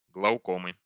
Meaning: inflection of глауко́ма (glaukóma): 1. genitive singular 2. nominative/accusative plural
- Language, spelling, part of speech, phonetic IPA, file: Russian, глаукомы, noun, [ɡɫəʊˈkomɨ], Ru-глаукомы.ogg